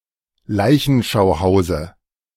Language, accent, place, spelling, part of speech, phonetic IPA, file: German, Germany, Berlin, Leichenschauhause, noun, [ˈlaɪ̯çn̩ʃaʊ̯ˌhaʊ̯zə], De-Leichenschauhause.ogg
- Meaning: dative singular of Leichenschauhaus